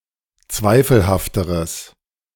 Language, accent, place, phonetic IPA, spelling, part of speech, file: German, Germany, Berlin, [ˈt͡svaɪ̯fl̩haftəʁəs], zweifelhafteres, adjective, De-zweifelhafteres.ogg
- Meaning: strong/mixed nominative/accusative neuter singular comparative degree of zweifelhaft